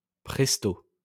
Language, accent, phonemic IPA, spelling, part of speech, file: French, France, /pʁɛs.to/, presto, adverb, LL-Q150 (fra)-presto.wav
- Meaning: 1. presto 2. quickly